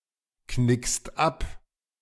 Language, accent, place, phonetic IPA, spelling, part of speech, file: German, Germany, Berlin, [ˌknɪkst ˈap], knickst ab, verb, De-knickst ab.ogg
- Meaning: second-person singular present of abknicken